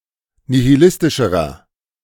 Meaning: inflection of nihilistisch: 1. strong/mixed nominative masculine singular comparative degree 2. strong genitive/dative feminine singular comparative degree 3. strong genitive plural comparative degree
- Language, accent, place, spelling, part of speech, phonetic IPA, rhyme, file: German, Germany, Berlin, nihilistischerer, adjective, [nihiˈlɪstɪʃəʁɐ], -ɪstɪʃəʁɐ, De-nihilistischerer.ogg